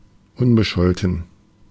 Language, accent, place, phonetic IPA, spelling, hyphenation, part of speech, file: German, Germany, Berlin, [ˈʊnbəˌʃɔltn̩], unbescholten, un‧be‧schol‧ten, adjective, De-unbescholten.ogg
- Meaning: 1. of unblemished reputation, respectable 2. having no police record